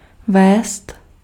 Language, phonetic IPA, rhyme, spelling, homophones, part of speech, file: Czech, [ˈvɛːst], -ɛːst, vést, vézt, verb, Cs-vést.ogg
- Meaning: 1. to lead (to guide) 2. to conduct (to transmit, as heat, light, electricity, etc.) 3. to be doing, to do, to fare